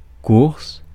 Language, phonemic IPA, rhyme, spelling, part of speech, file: French, /kuʁs/, -uʁs, course, noun, Fr-course.ogg
- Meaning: 1. run, running 2. race 3. errand